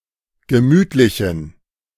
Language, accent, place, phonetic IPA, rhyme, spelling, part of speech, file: German, Germany, Berlin, [ɡəˈmyːtlɪçn̩], -yːtlɪçn̩, gemütlichen, adjective, De-gemütlichen.ogg
- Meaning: inflection of gemütlich: 1. strong genitive masculine/neuter singular 2. weak/mixed genitive/dative all-gender singular 3. strong/weak/mixed accusative masculine singular 4. strong dative plural